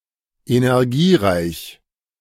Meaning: energized (rich in energy)
- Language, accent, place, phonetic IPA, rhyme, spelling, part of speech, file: German, Germany, Berlin, [enɛʁˈɡiːˌʁaɪ̯ç], -iːʁaɪ̯ç, energiereich, adjective, De-energiereich.ogg